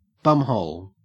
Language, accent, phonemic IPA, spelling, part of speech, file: English, Australia, /ˈbʌmhəʊl/, bumhole, noun, En-au-bumhole.ogg
- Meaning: 1. The anus 2. A stupid or annoying person